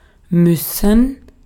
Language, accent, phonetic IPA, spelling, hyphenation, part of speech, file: German, Austria, [ˈmʏsn̩], müssen, müs‧sen, verb, De-at-müssen.ogg
- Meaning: 1. to have to (do something); must; to be obliged (to do something); to need (to do something) 2. to have to do something implied; must; to be obliged 3. to need to go to the bathroom